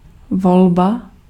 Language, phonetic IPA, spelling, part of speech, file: Czech, [ˈvolba], volba, noun, Cs-volba.ogg
- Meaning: 1. choice (option) 2. election (plural)